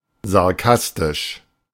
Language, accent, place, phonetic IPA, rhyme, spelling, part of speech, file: German, Germany, Berlin, [zaʁˈkastɪʃ], -astɪʃ, sarkastisch, adjective, De-sarkastisch.ogg
- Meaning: sarcastic